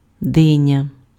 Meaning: melon
- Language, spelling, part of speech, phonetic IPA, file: Ukrainian, диня, noun, [ˈdɪnʲɐ], Uk-диня.ogg